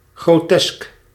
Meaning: grotesque
- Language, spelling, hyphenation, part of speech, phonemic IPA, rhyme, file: Dutch, grotesk, gro‧tesk, adjective, /ɣroːˈtɛsk/, -ɛsk, Nl-grotesk.ogg